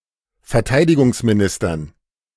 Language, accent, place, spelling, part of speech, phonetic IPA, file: German, Germany, Berlin, Verteidigungsministern, noun, [fɛɐ̯ˈtaɪ̯dɪɡʊŋsmiˌnɪstɐn], De-Verteidigungsministern.ogg
- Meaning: dative plural of Verteidigungsminister